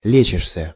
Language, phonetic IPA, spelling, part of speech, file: Russian, [ˈlʲet͡ɕɪʂsʲə], лечишься, verb, Ru-лечишься.ogg
- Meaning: second-person singular present indicative imperfective of лечи́ться (lečítʹsja)